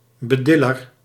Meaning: one who patronises, a patronising critic
- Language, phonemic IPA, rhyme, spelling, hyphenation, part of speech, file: Dutch, /bəˈdɪ.lər/, -ɪlər, bediller, be‧dil‧ler, noun, Nl-bediller.ogg